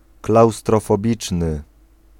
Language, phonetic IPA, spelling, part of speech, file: Polish, [ˌklawstrɔfɔˈbʲit͡ʃnɨ], klaustrofobiczny, adjective, Pl-klaustrofobiczny.ogg